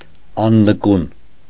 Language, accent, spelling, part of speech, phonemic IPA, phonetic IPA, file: Armenian, Eastern Armenian, աննկուն, adjective / adverb, /ɑnnəˈkun/, [ɑnːəkún], Hy-աննկուն.ogg
- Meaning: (adjective) unyielding, stable, resolute; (adverb) unyieldingly, stably, resolutely